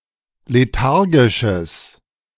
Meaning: strong/mixed nominative/accusative neuter singular of lethargisch
- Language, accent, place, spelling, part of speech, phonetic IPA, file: German, Germany, Berlin, lethargisches, adjective, [leˈtaʁɡɪʃəs], De-lethargisches.ogg